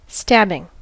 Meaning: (adjective) Sharp, intense; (noun) An incident in which a person is stabbed; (verb) present participle and gerund of stab
- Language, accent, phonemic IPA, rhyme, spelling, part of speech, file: English, US, /ˈstæb.ɪŋ/, -æbɪŋ, stabbing, adjective / noun / verb, En-us-stabbing.ogg